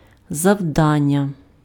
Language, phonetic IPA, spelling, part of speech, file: Ukrainian, [zɐu̯ˈdanʲːɐ], завдання, noun, Uk-завдання.ogg
- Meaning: 1. task, job, assignment 2. target, aim